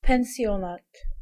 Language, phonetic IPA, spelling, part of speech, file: Polish, [pɛ̃w̃ˈsʲjɔ̃nat], pensjonat, noun, Pl-pensjonat.ogg